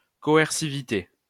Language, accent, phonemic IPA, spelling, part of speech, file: French, France, /kɔ.ɛʁ.si.vi.te/, coercivité, noun, LL-Q150 (fra)-coercivité.wav
- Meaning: coercivity, coerciveness